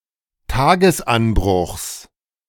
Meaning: genitive of Tagesanbruch
- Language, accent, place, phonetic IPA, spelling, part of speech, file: German, Germany, Berlin, [ˈtaːɡəsˌʔanbʁʊxs], Tagesanbruchs, noun, De-Tagesanbruchs.ogg